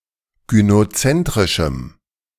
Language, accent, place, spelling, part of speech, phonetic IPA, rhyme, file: German, Germany, Berlin, gynozentrischem, adjective, [ɡynoˈt͡sɛntʁɪʃm̩], -ɛntʁɪʃm̩, De-gynozentrischem.ogg
- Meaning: strong dative masculine/neuter singular of gynozentrisch